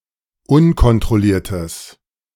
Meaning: strong/mixed nominative/accusative neuter singular of unkontrolliert
- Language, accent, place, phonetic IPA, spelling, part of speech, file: German, Germany, Berlin, [ˈʊnkɔntʁɔˌliːɐ̯təs], unkontrolliertes, adjective, De-unkontrolliertes.ogg